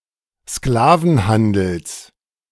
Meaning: genitive singular of Sklavenhandel
- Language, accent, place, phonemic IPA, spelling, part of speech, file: German, Germany, Berlin, /ˈsklaːvn̩ˌhandl̩s/, Sklavenhandels, noun, De-Sklavenhandels.ogg